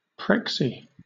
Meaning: A president, especially of a college or university
- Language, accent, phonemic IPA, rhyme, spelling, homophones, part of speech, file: English, Southern England, /ˈpɹɛksi/, -ɛksi, prexy, prexie, noun, LL-Q1860 (eng)-prexy.wav